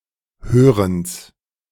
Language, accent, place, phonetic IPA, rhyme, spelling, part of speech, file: German, Germany, Berlin, [ˈhøːʁəns], -øːʁəns, Hörens, noun, De-Hörens.ogg
- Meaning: genitive singular of Hören